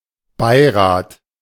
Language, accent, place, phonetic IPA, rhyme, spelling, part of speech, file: German, Germany, Berlin, [ˈbaɪ̯ˌʁaːt], -aɪ̯ʁaːt, Beirat, noun, De-Beirat.ogg
- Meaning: advisory council